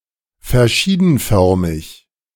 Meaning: multifarious
- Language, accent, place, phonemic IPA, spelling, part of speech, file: German, Germany, Berlin, /fɛɐ̯ˈʃiːdn̩ˌfœʁmɪç/, verschiedenförmig, adjective, De-verschiedenförmig.ogg